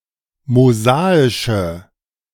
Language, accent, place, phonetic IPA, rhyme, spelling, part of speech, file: German, Germany, Berlin, [moˈzaːɪʃə], -aːɪʃə, mosaische, adjective, De-mosaische.ogg
- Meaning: inflection of mosaisch: 1. strong/mixed nominative/accusative feminine singular 2. strong nominative/accusative plural 3. weak nominative all-gender singular